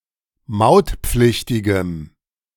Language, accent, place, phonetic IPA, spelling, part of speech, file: German, Germany, Berlin, [ˈmaʊ̯tˌp͡flɪçtɪɡəm], mautpflichtigem, adjective, De-mautpflichtigem.ogg
- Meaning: strong dative masculine/neuter singular of mautpflichtig